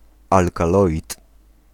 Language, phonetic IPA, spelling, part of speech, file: Polish, [ˌalkaˈlɔʲit], alkaloid, noun, Pl-alkaloid.ogg